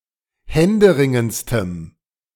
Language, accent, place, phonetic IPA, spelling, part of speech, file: German, Germany, Berlin, [ˈhɛndəˌʁɪŋənt͡stəm], händeringendstem, adjective, De-händeringendstem.ogg
- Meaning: strong dative masculine/neuter singular superlative degree of händeringend